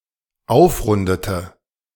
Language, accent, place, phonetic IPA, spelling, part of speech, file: German, Germany, Berlin, [ˈaʊ̯fˌʁʊndətə], aufrundete, verb, De-aufrundete.ogg
- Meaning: inflection of aufrunden: 1. first/third-person singular dependent preterite 2. first/third-person singular dependent subjunctive II